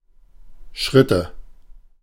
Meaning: nominative/accusative/genitive plural of Schritt
- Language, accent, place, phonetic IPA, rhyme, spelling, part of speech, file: German, Germany, Berlin, [ˈʃʁɪtə], -ɪtə, Schritte, noun, De-Schritte.ogg